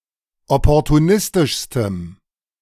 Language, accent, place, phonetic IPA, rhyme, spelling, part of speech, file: German, Germany, Berlin, [ˌɔpɔʁtuˈnɪstɪʃstəm], -ɪstɪʃstəm, opportunistischstem, adjective, De-opportunistischstem.ogg
- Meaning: strong dative masculine/neuter singular superlative degree of opportunistisch